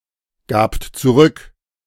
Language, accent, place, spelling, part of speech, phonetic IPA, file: German, Germany, Berlin, gabt zurück, verb, [ˌɡaːpt t͡suˈʁʏk], De-gabt zurück.ogg
- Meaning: second-person plural preterite of zurückgeben